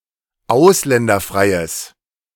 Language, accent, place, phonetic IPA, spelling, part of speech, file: German, Germany, Berlin, [ˈaʊ̯slɛndɐˌfʁaɪ̯əs], ausländerfreies, adjective, De-ausländerfreies.ogg
- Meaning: strong/mixed nominative/accusative neuter singular of ausländerfrei